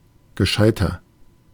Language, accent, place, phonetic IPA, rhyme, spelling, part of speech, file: German, Germany, Berlin, [ɡəˈʃaɪ̯tɐ], -aɪ̯tɐ, gescheiter, adjective, De-gescheiter.ogg
- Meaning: 1. comparative degree of gescheit 2. inflection of gescheit: strong/mixed nominative masculine singular 3. inflection of gescheit: strong genitive/dative feminine singular